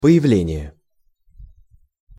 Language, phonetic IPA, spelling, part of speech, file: Russian, [pə(j)ɪˈvlʲenʲɪje], появление, noun, Ru-появление.ogg
- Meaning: appearance, emergence